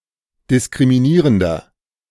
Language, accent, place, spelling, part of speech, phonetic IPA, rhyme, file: German, Germany, Berlin, diskriminierender, adjective, [dɪskʁimiˈniːʁəndɐ], -iːʁəndɐ, De-diskriminierender.ogg
- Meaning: inflection of diskriminierend: 1. strong/mixed nominative masculine singular 2. strong genitive/dative feminine singular 3. strong genitive plural